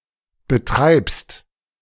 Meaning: second-person singular present of betreiben
- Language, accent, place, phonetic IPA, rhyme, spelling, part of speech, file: German, Germany, Berlin, [bəˈtʁaɪ̯pst], -aɪ̯pst, betreibst, verb, De-betreibst.ogg